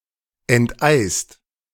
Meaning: 1. past participle of enteisen 2. inflection of enteisen: second-person singular/plural present 3. inflection of enteisen: third-person singular present 4. inflection of enteisen: plural imperative
- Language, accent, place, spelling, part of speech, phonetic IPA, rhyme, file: German, Germany, Berlin, enteist, verb, [ɛntˈʔaɪ̯st], -aɪ̯st, De-enteist.ogg